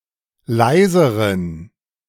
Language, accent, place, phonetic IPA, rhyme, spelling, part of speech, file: German, Germany, Berlin, [ˈlaɪ̯zəʁən], -aɪ̯zəʁən, leiseren, adjective, De-leiseren.ogg
- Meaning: inflection of leise: 1. strong genitive masculine/neuter singular comparative degree 2. weak/mixed genitive/dative all-gender singular comparative degree